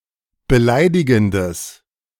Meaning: strong/mixed nominative/accusative neuter singular of beleidigend
- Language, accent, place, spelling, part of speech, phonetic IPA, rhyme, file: German, Germany, Berlin, beleidigendes, adjective, [bəˈlaɪ̯dɪɡn̩dəs], -aɪ̯dɪɡn̩dəs, De-beleidigendes.ogg